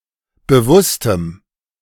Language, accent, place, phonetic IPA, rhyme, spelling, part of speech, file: German, Germany, Berlin, [bəˈvʊstəm], -ʊstəm, bewusstem, adjective, De-bewusstem.ogg
- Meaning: strong dative masculine/neuter singular of bewusst